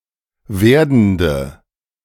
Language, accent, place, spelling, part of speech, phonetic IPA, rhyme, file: German, Germany, Berlin, werdende, adjective, [ˈveːɐ̯dn̩də], -eːɐ̯dn̩də, De-werdende.ogg
- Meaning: inflection of werdend: 1. strong/mixed nominative/accusative feminine singular 2. strong nominative/accusative plural 3. weak nominative all-gender singular 4. weak accusative feminine/neuter singular